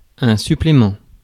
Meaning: 1. supplement 2. supplement (in a magazine or a newspaper)
- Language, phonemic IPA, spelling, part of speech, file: French, /sy.ple.mɑ̃/, supplément, noun, Fr-supplément.ogg